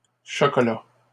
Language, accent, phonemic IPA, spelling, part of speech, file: French, Canada, /ʃɔ.kɔ.la/, chocolats, noun, LL-Q150 (fra)-chocolats.wav
- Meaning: plural of chocolat